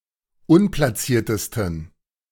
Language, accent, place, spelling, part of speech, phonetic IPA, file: German, Germany, Berlin, unplaciertesten, adjective, [ˈʊnplasiːɐ̯təstn̩], De-unplaciertesten.ogg
- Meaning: 1. superlative degree of unplaciert 2. inflection of unplaciert: strong genitive masculine/neuter singular superlative degree